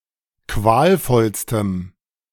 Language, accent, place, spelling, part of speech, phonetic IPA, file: German, Germany, Berlin, qualvollstem, adjective, [ˈkvaːlˌfɔlstəm], De-qualvollstem.ogg
- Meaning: strong dative masculine/neuter singular superlative degree of qualvoll